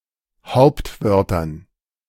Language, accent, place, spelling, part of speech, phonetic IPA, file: German, Germany, Berlin, Hauptwörtern, noun, [ˈhaʊ̯ptˌvœʁtɐn], De-Hauptwörtern.ogg
- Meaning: dative plural of Hauptwort